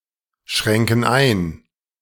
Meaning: inflection of einschränken: 1. first/third-person plural present 2. first/third-person plural subjunctive I
- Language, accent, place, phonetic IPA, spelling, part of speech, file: German, Germany, Berlin, [ˌʃʁɛŋkn̩ ˈaɪ̯n], schränken ein, verb, De-schränken ein.ogg